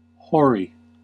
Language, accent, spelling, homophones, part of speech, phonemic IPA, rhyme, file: English, US, hoary, whorey, adjective, /hɔɹ.i/, -ɔːɹi, En-us-hoary.ogg
- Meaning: 1. White, whitish, or greyish-white 2. White or grey with age 3. Of a pale silvery grey 4. Covered with short, dense, greyish white hairs 5. Old or old-fashioned; trite 6. Remote in time past